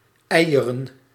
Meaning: plural of ei
- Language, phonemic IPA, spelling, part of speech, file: Dutch, /ˈɛi̯.(j)ə.rə(n)/, eieren, noun, Nl-eieren.ogg